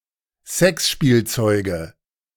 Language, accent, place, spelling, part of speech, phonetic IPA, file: German, Germany, Berlin, Sexspielzeuge, noun, [ˈzɛksʃpiːlˌt͡sɔɪ̯ɡə], De-Sexspielzeuge.ogg
- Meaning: nominative/accusative/genitive plural of Sexspielzeug